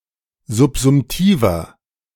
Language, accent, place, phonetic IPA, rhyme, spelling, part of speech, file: German, Germany, Berlin, [zʊpzʊmˈtiːvɐ], -iːvɐ, subsumtiver, adjective, De-subsumtiver.ogg
- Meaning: inflection of subsumtiv: 1. strong/mixed nominative masculine singular 2. strong genitive/dative feminine singular 3. strong genitive plural